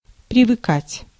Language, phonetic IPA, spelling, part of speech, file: Russian, [prʲɪvɨˈkatʲ], привыкать, verb, Ru-привыкать.ogg
- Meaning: to get used (to), to get accustomed